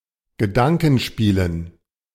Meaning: dative plural of Gedankenspiel
- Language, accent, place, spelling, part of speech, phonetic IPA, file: German, Germany, Berlin, Gedankenspielen, noun, [ɡəˈdaŋkn̩ˌʃpiːlən], De-Gedankenspielen.ogg